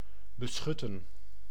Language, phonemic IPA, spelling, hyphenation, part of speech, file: Dutch, /bəˈsxʏtə(n)/, beschutten, be‧schut‧ten, verb, Nl-beschutten.ogg
- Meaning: to protect, to provide cover, to shield